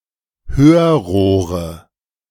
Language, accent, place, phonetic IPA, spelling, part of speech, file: German, Germany, Berlin, [ˈhøːɐ̯ˌʁoːʁə], Hörrohre, noun, De-Hörrohre.ogg
- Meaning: nominative/accusative/genitive plural of Hörrohr